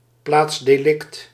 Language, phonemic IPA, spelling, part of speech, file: Dutch, /ˌplatsdeˈlɪkt/, plaats delict, noun, Nl-plaats delict.ogg
- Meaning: crime scene (often abbreviated as PD or peedee)